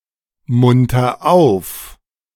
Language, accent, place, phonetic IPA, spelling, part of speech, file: German, Germany, Berlin, [ˌmʊntɐ ˈaʊ̯f], munter auf, verb, De-munter auf.ogg
- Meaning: inflection of aufmuntern: 1. first-person singular present 2. singular imperative